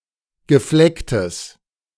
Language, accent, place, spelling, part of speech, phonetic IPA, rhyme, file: German, Germany, Berlin, geflecktes, adjective, [ɡəˈflɛktəs], -ɛktəs, De-geflecktes.ogg
- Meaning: strong/mixed nominative/accusative neuter singular of gefleckt